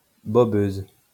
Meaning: female equivalent of bobeur
- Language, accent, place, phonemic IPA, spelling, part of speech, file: French, France, Lyon, /bɔ.bøz/, bobeuse, noun, LL-Q150 (fra)-bobeuse.wav